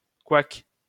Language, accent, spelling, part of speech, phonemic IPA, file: French, France, couac, interjection / noun, /kwak/, LL-Q150 (fra)-couac.wav
- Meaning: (interjection) noise of a crow. caw, squawk, croak; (noun) 1. false note 2. joke in bad taste 3. misstep, blunder 4. a type of flour made from manioc